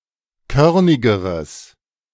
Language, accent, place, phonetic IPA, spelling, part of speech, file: German, Germany, Berlin, [ˈkœʁnɪɡəʁəs], körnigeres, adjective, De-körnigeres.ogg
- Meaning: strong/mixed nominative/accusative neuter singular comparative degree of körnig